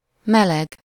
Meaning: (adjective) 1. warm (having a temperature slightly higher than usual, but still pleasant) 2. warm (of clothing or animal fur, thick enough to insulate the body against cold temperatures)
- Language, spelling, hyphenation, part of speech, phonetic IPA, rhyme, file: Hungarian, meleg, me‧leg, adjective / noun, [ˈmɛlɛɡ], -ɛɡ, Hu-meleg.ogg